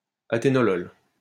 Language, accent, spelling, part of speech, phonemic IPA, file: French, France, aténolol, noun, /a.te.nɔ.lɔl/, LL-Q150 (fra)-aténolol.wav
- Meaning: atenolol